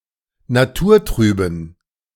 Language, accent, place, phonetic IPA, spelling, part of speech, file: German, Germany, Berlin, [naˈtuːɐ̯ˌtʁyːbn̩], naturtrüben, adjective, De-naturtrüben.ogg
- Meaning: inflection of naturtrüb: 1. strong genitive masculine/neuter singular 2. weak/mixed genitive/dative all-gender singular 3. strong/weak/mixed accusative masculine singular 4. strong dative plural